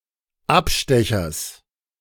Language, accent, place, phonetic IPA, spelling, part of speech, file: German, Germany, Berlin, [ˈapˌʃtɛçɐs], Abstechers, noun, De-Abstechers.ogg
- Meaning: genitive singular of Abstecher